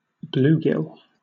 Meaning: Any member of the species Lepomis macrochirus of North American sunfish
- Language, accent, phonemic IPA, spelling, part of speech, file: English, Southern England, /ˈbluːɡɪl/, bluegill, noun, LL-Q1860 (eng)-bluegill.wav